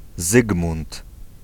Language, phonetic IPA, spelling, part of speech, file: Polish, [ˈzɨɡmũnt], Zygmunt, proper noun / noun, Pl-Zygmunt.ogg